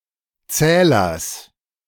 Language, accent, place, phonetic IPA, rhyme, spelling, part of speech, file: German, Germany, Berlin, [ˈt͡sɛːlɐs], -ɛːlɐs, Zählers, noun, De-Zählers.ogg
- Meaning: genitive singular of Zähler